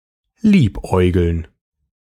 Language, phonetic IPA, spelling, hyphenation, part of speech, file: German, [ˈliːpˌʔɔɪ̯ɡl̩n], liebäugeln, lieb‧äu‧geln, verb, De-liebäugeln.ogg
- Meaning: 1. to make eyes at, to flirt with (a person) 2. to flirt with, to have one's eye on, to toy with (an idea or approach)